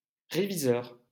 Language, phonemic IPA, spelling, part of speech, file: French, /ʁe.vi.zœʁ/, réviseur, noun, LL-Q150 (fra)-réviseur.wav
- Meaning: 1. reviser, checker 2. review judge 3. auditor